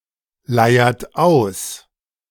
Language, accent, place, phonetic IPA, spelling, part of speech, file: German, Germany, Berlin, [ˌlaɪ̯ɐt ˈaʊ̯s], leiert aus, verb, De-leiert aus.ogg
- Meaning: inflection of ausleiern: 1. third-person singular present 2. second-person plural present 3. plural imperative